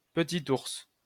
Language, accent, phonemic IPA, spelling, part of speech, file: French, France, /pə.tit uʁs/, Petite Ourse, proper noun, LL-Q150 (fra)-Petite Ourse.wav
- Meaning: Ursa Minor (constellation)